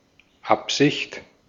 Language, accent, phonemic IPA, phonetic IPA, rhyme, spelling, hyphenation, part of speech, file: German, Austria, /ˈapzɪçt/, [ˈapz̥ɪçt], -ɪçt, Absicht, Ab‧sicht, noun, De-at-Absicht.ogg
- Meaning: 1. intention 2. intent